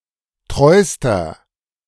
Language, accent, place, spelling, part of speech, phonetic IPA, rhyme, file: German, Germany, Berlin, treuster, adjective, [ˈtʁɔɪ̯stɐ], -ɔɪ̯stɐ, De-treuster.ogg
- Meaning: inflection of treu: 1. strong/mixed nominative masculine singular superlative degree 2. strong genitive/dative feminine singular superlative degree 3. strong genitive plural superlative degree